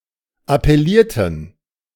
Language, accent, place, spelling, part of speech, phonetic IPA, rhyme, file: German, Germany, Berlin, appellierten, verb, [apɛˈliːɐ̯tn̩], -iːɐ̯tn̩, De-appellierten.ogg
- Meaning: inflection of appellieren: 1. first/third-person plural preterite 2. first/third-person plural subjunctive II